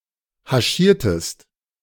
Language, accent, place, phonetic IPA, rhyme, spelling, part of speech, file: German, Germany, Berlin, [haˈʃiːɐ̯təst], -iːɐ̯təst, haschiertest, verb, De-haschiertest.ogg
- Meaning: inflection of haschieren: 1. second-person singular preterite 2. second-person singular subjunctive II